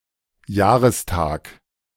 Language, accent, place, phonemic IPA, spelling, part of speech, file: German, Germany, Berlin, /ˈjaːʁəsˌtaːk/, Jahrestag, noun, De-Jahrestag.ogg
- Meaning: anniversary (day an exact number of years since an event)